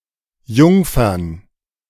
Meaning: plural of Jungfer
- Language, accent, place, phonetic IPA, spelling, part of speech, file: German, Germany, Berlin, [ˈjʊŋfɐn], Jungfern, noun, De-Jungfern.ogg